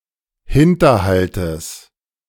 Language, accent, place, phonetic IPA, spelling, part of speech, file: German, Germany, Berlin, [ˈhɪntɐˌhaltəs], Hinterhaltes, noun, De-Hinterhaltes.ogg
- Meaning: genitive singular of Hinterhalt